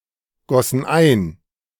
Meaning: first/third-person plural preterite of eingießen
- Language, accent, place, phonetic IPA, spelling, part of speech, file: German, Germany, Berlin, [ˌɡɔsn̩ ˈaɪ̯n], gossen ein, verb, De-gossen ein.ogg